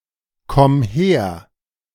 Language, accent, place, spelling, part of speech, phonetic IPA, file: German, Germany, Berlin, komm her, verb, [ˌkɔm ˈheːɐ̯], De-komm her.ogg
- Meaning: singular imperative of herkommen